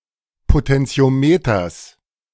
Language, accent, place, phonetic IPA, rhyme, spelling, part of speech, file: German, Germany, Berlin, [potɛnt͡si̯oˈmeːtɐs], -eːtɐs, Potentiometers, noun, De-Potentiometers.ogg
- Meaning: genitive of Potentiometer